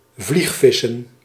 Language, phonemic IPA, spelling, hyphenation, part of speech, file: Dutch, /ˈvlixˌfɪ.sə(n)/, vliegvissen, vlieg‧vis‧sen, verb, Nl-vliegvissen.ogg
- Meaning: to fly-fish